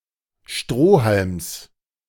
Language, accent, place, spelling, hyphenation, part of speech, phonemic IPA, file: German, Germany, Berlin, Strohhalms, Stroh‧halms, noun, /ˈʃtʁoː.halms/, De-Strohhalms.ogg
- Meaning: genitive of Strohhalm